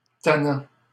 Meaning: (adjective) 1. tiring; irritating; insistent 2. troublesome; overexcited; overstimulated 3. mischievous; playful; impish; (noun) someone who is troublesome, overexcited or overstimulated
- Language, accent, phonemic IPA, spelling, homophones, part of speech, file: French, Canada, /ta.nɑ̃/, tannant, tannants, adjective / noun / verb, LL-Q150 (fra)-tannant.wav